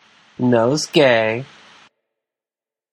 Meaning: A small bunch of fragrant flowers or herbs tied in a bundle, often presented as a gift; nosegays were originally intended to be put to the nose for the pleasant sensation or to mask unpleasant odours
- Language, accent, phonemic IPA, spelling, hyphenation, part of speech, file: English, General American, /ˈnoʊzˌɡeɪ/, nosegay, nose‧gay, noun, En-us-nosegay.flac